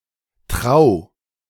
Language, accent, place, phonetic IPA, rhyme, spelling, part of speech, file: German, Germany, Berlin, [tʁaʊ̯], -aʊ̯, trau, verb, De-trau.ogg
- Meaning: singular imperative of trauen